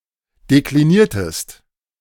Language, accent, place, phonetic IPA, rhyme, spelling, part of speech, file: German, Germany, Berlin, [dekliˈniːɐ̯təst], -iːɐ̯təst, dekliniertest, verb, De-dekliniertest.ogg
- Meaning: inflection of deklinieren: 1. second-person singular preterite 2. second-person singular subjunctive II